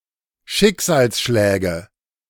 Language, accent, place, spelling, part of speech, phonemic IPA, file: German, Germany, Berlin, Schicksalsschläge, noun, /ˈʃɪkzaːlsˌʃlɛːɡə/, De-Schicksalsschläge.ogg
- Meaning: nominative/accusative/genitive plural of Schicksalsschlag